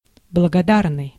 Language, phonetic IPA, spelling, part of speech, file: Russian, [bɫəɡɐˈdarnɨj], благодарный, adjective, Ru-благодарный.ogg
- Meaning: 1. grateful, thankful (showing thanks) 2. worth doing, worthwhile